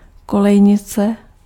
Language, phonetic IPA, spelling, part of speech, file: Czech, [ˈkolɛjɲɪt͡sɛ], kolejnice, noun, Cs-kolejnice.ogg
- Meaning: rail (metal bar)